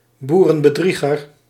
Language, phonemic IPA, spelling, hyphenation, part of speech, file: Dutch, /ˌbu.rə(n).bəˈdri.ɣər/, boerenbedrieger, boe‧ren‧be‧drie‧ger, noun, Nl-boerenbedrieger.ogg
- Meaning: charlatan, swindler, fraud